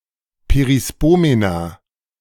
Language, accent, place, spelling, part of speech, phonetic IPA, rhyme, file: German, Germany, Berlin, Perispomena, noun, [peʁiˈspoːmena], -oːmena, De-Perispomena.ogg
- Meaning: plural of Perispomenon